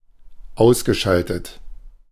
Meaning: past participle of ausschalten
- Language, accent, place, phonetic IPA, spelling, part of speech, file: German, Germany, Berlin, [ˈaʊ̯sɡəˌʃaltət], ausgeschaltet, verb, De-ausgeschaltet.ogg